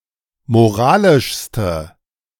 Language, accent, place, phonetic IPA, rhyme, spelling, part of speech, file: German, Germany, Berlin, [moˈʁaːlɪʃstə], -aːlɪʃstə, moralischste, adjective, De-moralischste.ogg
- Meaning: inflection of moralisch: 1. strong/mixed nominative/accusative feminine singular superlative degree 2. strong nominative/accusative plural superlative degree